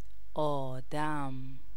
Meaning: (noun) 1. human 2. person 3. man 4. bloke 5. man (A person, usually male, who can fulfill one's requirements with regard to a specified matter.)
- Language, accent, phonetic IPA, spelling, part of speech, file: Persian, Iran, [ʔɒː.d̪ǽm], آدم, noun / proper noun, Fa-آدم.ogg